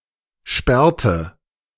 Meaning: inflection of sperren: 1. first/third-person singular preterite 2. first/third-person singular subjunctive II
- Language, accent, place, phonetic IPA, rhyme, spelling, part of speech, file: German, Germany, Berlin, [ˈʃpɛʁtə], -ɛʁtə, sperrte, verb, De-sperrte.ogg